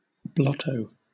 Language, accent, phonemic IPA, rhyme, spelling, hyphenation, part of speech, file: English, Southern England, /ˈblɒtəʊ/, -ɒtəʊ, blotto, blot‧to, noun, LL-Q1860 (eng)-blotto.wav